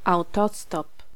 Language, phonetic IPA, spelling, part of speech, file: Polish, [awˈtɔstɔp], autostop, noun, Pl-autostop.ogg